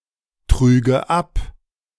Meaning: first/third-person singular subjunctive II of abtragen
- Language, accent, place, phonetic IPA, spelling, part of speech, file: German, Germany, Berlin, [ˌtʁyːɡə ˈap], trüge ab, verb, De-trüge ab.ogg